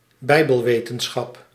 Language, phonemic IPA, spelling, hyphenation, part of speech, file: Dutch, /ˈbɛi̯.bəlˌʋeː.tən.sxɑp/, bijbelwetenschap, bij‧bel‧we‧ten‧schap, noun, Nl-bijbelwetenschap.ogg
- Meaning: Biblical studies